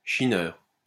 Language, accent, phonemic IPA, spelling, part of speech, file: French, France, /ʃi.nœʁ/, chineur, noun, LL-Q150 (fra)-chineur.wav
- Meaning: bargain hunter